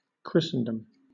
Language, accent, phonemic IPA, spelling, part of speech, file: English, Southern England, /ˈkɹɪsn̩dəm/, Christendom, noun, LL-Q1860 (eng)-Christendom.wav
- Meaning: 1. The Christian world; Christ's Church on Earth 2. The state of being a (devout) Christian; Christian belief or faith 3. The name received at baptism; any name or appellation